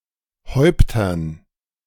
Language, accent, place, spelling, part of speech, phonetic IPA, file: German, Germany, Berlin, Häuptern, noun, [ˈhɔɪ̯ptɐn], De-Häuptern.ogg
- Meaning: dative plural of Haupt